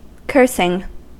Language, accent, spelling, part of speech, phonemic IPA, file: English, US, cursing, verb / noun, /ˈkɝsɪŋ/, En-us-cursing.ogg
- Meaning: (verb) present participle and gerund of curse; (noun) The act of one who curses